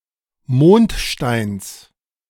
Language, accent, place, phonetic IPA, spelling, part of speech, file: German, Germany, Berlin, [ˈmoːntˌʃtaɪ̯ns], Mondsteins, noun, De-Mondsteins.ogg
- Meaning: genitive singular of Mondstein